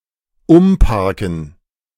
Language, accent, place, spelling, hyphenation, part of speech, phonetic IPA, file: German, Germany, Berlin, umparken, um‧par‧ken, verb, [ˈʊmˌpaʁkn̩], De-umparken.ogg
- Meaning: to repark